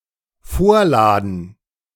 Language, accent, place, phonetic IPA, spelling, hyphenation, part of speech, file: German, Germany, Berlin, [ˈfoːɐ̯ˌlaːdn̩], vorladen, vor‧la‧den, verb, De-vorladen.ogg
- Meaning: to summons, to subpoena